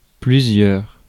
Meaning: several, many, a lot
- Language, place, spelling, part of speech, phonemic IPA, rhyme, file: French, Paris, plusieurs, adjective, /ply.zjœʁ/, -œʁ, Fr-plusieurs.ogg